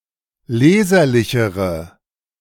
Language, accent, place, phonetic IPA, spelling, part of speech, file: German, Germany, Berlin, [ˈleːzɐlɪçəʁə], leserlichere, adjective, De-leserlichere.ogg
- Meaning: inflection of leserlich: 1. strong/mixed nominative/accusative feminine singular comparative degree 2. strong nominative/accusative plural comparative degree